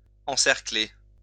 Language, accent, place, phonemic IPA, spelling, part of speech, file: French, France, Lyon, /ɑ̃.sɛʁ.kle/, encercler, verb, LL-Q150 (fra)-encercler.wav
- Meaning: 1. circle (draw a circle round) 2. ring round, circle round 3. surround, encircle